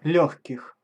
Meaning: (adjective) inflection of лёгкий (ljóxkij): 1. genitive/prepositional plural 2. animate accusative plural; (noun) genitive/prepositional plural of лёгкое (ljóxkoje)
- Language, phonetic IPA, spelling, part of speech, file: Russian, [ˈlʲɵxʲkʲɪx], лёгких, adjective / noun, Ru-лёгких.ogg